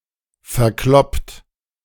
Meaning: 1. past participle of verkloppen 2. inflection of verkloppen: second-person plural present 3. inflection of verkloppen: third-person singular present 4. inflection of verkloppen: plural imperative
- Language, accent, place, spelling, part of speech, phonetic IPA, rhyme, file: German, Germany, Berlin, verkloppt, verb, [fɛɐ̯ˈklɔpt], -ɔpt, De-verkloppt.ogg